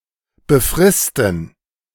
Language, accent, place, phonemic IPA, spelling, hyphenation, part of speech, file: German, Germany, Berlin, /bəˈfʁɪstn̩/, befristen, be‧fris‧ten, verb, De-befristen.ogg
- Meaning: to set a time limit on